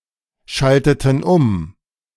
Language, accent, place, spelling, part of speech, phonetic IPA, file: German, Germany, Berlin, schalteten um, verb, [ˌʃaltətn̩ ˈʊm], De-schalteten um.ogg
- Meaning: inflection of umschalten: 1. first/third-person plural preterite 2. first/third-person plural subjunctive II